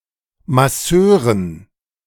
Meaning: dative plural of Masseur
- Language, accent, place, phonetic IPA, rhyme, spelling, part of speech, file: German, Germany, Berlin, [maˈsøːʁən], -øːʁən, Masseuren, noun, De-Masseuren.ogg